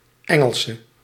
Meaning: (adjective) inflection of Engels: 1. masculine/feminine singular attributive 2. definite neuter singular attributive 3. plural attributive; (noun) Englishwoman
- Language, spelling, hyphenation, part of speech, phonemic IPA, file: Dutch, Engelse, En‧gel‧se, adjective / noun, /ˈɛŋəlsə/, Nl-Engelse.ogg